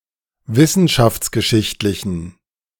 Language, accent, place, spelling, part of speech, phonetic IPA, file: German, Germany, Berlin, wissenschaftsgeschichtlichen, adjective, [ˈvɪsn̩ʃaft͡sɡəˌʃɪçtlɪçn̩], De-wissenschaftsgeschichtlichen.ogg
- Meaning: inflection of wissenschaftsgeschichtlich: 1. strong genitive masculine/neuter singular 2. weak/mixed genitive/dative all-gender singular 3. strong/weak/mixed accusative masculine singular